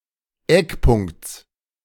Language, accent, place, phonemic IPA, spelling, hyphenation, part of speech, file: German, Germany, Berlin, /ˈɛkˌpʊŋkt͡s/, Eckpunkts, Eck‧punkts, noun, De-Eckpunkts.ogg
- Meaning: genitive singular of Eckpunkt